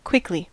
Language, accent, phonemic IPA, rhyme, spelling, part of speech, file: English, US, /ˈkwɪk.li/, -ɪkli, quickly, adverb, En-us-quickly.ogg
- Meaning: 1. Rapidly; with speed; fast; with expedition 2. Very soon